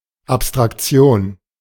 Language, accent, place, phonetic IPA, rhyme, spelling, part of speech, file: German, Germany, Berlin, [apstʁakˈt͡si̯oːn], -oːn, Abstraktion, noun, De-Abstraktion.ogg
- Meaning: abstraction